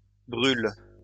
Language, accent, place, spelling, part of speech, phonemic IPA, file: French, France, Lyon, brûle, verb, /bʁyl/, LL-Q150 (fra)-brûle.wav
- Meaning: inflection of brûler: 1. first/third-person singular present indicative/subjunctive 2. second-person singular imperative